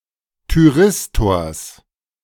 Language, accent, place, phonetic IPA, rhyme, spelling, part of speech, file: German, Germany, Berlin, [tyˈʁɪstoːɐ̯s], -ɪstoːɐ̯s, Thyristors, noun, De-Thyristors.ogg
- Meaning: genitive singular of Thyristor